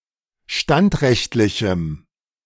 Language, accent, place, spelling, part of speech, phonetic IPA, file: German, Germany, Berlin, standrechtlichem, adjective, [ˈʃtantˌʁɛçtlɪçm̩], De-standrechtlichem.ogg
- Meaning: strong dative masculine/neuter singular of standrechtlich